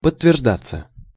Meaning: 1. to prove true, to be confirmed 2. passive of подтвержда́ть (podtverždátʹ)
- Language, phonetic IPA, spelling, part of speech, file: Russian, [pətːvʲɪrʐˈdat͡sːə], подтверждаться, verb, Ru-подтверждаться.ogg